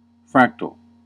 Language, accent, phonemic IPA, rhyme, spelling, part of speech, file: English, US, /ˈfɹæk.təl/, -æktəl, fractal, noun / adjective, En-us-fractal.ogg